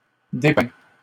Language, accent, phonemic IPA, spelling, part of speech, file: French, Canada, /de.pɛ̃/, dépeint, verb / adjective, LL-Q150 (fra)-dépeint.wav
- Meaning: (verb) 1. past participle of dépeindre 2. third-person singular present indicative of dépeindre; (adjective) depicted, portrayed